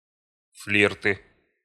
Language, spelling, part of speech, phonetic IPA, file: Russian, флирты, noun, [ˈflʲirtɨ], Ru-флирты.ogg
- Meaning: nominative/accusative plural of флирт (flirt)